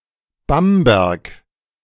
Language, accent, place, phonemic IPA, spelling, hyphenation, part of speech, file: German, Germany, Berlin, /ˈbambɛʁk/, Bamberg, Bam‧berg, proper noun, De-Bamberg.ogg
- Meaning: Bamberg (an independent town in the Upper Franconia region, Bavaria, Germany)